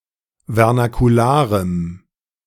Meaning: strong dative masculine/neuter singular of vernakular
- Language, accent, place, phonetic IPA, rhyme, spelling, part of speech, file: German, Germany, Berlin, [vɛʁnakuˈlaːʁəm], -aːʁəm, vernakularem, adjective, De-vernakularem.ogg